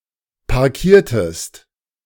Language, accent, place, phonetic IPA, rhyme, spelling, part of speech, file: German, Germany, Berlin, [paʁˈkiːɐ̯təst], -iːɐ̯təst, parkiertest, verb, De-parkiertest.ogg
- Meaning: inflection of parkieren: 1. second-person singular preterite 2. second-person singular subjunctive II